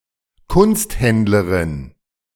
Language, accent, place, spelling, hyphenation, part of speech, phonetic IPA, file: German, Germany, Berlin, Kunsthändlerin, Kunst‧händ‧le‧rin, noun, [ˈkʊnstˌhɛndləʁɪn], De-Kunsthändlerin.ogg
- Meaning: female equivalent of Kunsthändler (“art dealer”)